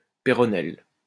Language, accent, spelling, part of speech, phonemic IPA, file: French, France, péronnelle, noun, /pe.ʁɔ.nɛl/, LL-Q150 (fra)-péronnelle.wav
- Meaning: silly talkative woman, gossip